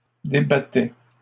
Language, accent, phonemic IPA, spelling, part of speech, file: French, Canada, /de.ba.tɛ/, débattait, verb, LL-Q150 (fra)-débattait.wav
- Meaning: third-person singular imperfect indicative of débattre